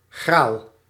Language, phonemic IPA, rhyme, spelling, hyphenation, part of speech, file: Dutch, /ɣraːl/, -aːl, graal, graal, noun, Nl-graal.ogg
- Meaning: 1. grail (artifact in Arthurian legend) 2. grail (something that is highly sought-after)